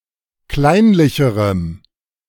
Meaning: strong dative masculine/neuter singular comparative degree of kleinlich
- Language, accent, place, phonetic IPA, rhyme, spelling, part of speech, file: German, Germany, Berlin, [ˈklaɪ̯nlɪçəʁəm], -aɪ̯nlɪçəʁəm, kleinlicherem, adjective, De-kleinlicherem.ogg